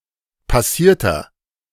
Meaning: inflection of passiert: 1. strong/mixed nominative masculine singular 2. strong genitive/dative feminine singular 3. strong genitive plural
- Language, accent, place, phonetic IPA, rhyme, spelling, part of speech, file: German, Germany, Berlin, [paˈsiːɐ̯tɐ], -iːɐ̯tɐ, passierter, adjective, De-passierter.ogg